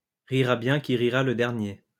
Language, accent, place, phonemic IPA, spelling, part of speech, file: French, France, Lyon, /ʁi.ʁa bjɛ̃ ki ʁi.ʁa l(ə) dɛʁ.nje/, rira bien qui rira le dernier, proverb, LL-Q150 (fra)-rira bien qui rira le dernier.wav
- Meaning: he who laughs last laughs best